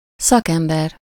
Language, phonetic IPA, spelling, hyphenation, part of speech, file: Hungarian, [ˈsɒkɛmbɛr], szakember, szak‧em‧ber, noun, Hu-szakember.ogg
- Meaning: specialist, expert, professional